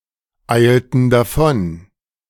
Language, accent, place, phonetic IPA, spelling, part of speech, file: German, Germany, Berlin, [ˌaɪ̯ltn̩ daˈfɔn], eilten davon, verb, De-eilten davon.ogg
- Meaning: inflection of davoneilen: 1. first/third-person plural preterite 2. first/third-person plural subjunctive II